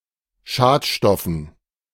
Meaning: dative plural of Schadstoff
- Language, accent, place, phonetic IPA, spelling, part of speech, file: German, Germany, Berlin, [ˈʃaːtˌʃtɔfn̩], Schadstoffen, noun, De-Schadstoffen.ogg